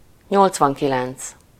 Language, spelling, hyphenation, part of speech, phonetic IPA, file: Hungarian, nyolcvankilenc, nyolc‧van‧ki‧lenc, numeral, [ˈɲolt͡svɒŋkilɛnt͡s], Hu-nyolcvankilenc.ogg
- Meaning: eighty-nine